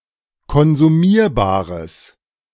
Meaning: strong/mixed nominative/accusative neuter singular of konsumierbar
- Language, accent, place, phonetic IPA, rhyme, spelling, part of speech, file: German, Germany, Berlin, [kɔnzuˈmiːɐ̯baːʁəs], -iːɐ̯baːʁəs, konsumierbares, adjective, De-konsumierbares.ogg